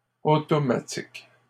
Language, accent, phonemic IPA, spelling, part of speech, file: French, Canada, /o.tɔ.ma.tik/, automatiques, adjective, LL-Q150 (fra)-automatiques.wav
- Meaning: plural of automatique